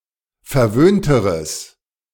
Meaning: strong/mixed nominative/accusative neuter singular comparative degree of verwöhnt
- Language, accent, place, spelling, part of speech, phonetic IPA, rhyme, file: German, Germany, Berlin, verwöhnteres, adjective, [fɛɐ̯ˈvøːntəʁəs], -øːntəʁəs, De-verwöhnteres.ogg